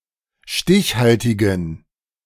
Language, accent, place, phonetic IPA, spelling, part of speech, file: German, Germany, Berlin, [ˈʃtɪçˌhaltɪɡn̩], stichhaltigen, adjective, De-stichhaltigen.ogg
- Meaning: inflection of stichhaltig: 1. strong genitive masculine/neuter singular 2. weak/mixed genitive/dative all-gender singular 3. strong/weak/mixed accusative masculine singular 4. strong dative plural